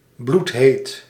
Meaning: hell-hot, sweltering (very hot, and often also humid)
- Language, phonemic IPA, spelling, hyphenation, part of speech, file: Dutch, /blutˈɦeːt/, bloedheet, bloed‧heet, adjective, Nl-bloedheet.ogg